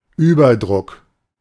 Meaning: overpressure
- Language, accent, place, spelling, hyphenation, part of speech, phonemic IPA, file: German, Germany, Berlin, Überdruck, Über‧druck, noun, /ˈyːbɐˌdʁʊk/, De-Überdruck.ogg